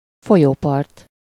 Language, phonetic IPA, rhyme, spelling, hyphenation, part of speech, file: Hungarian, [ˈfojoːpɒrt], -ɒrt, folyópart, fo‧lyó‧part, noun, Hu-folyópart.ogg
- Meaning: riverbank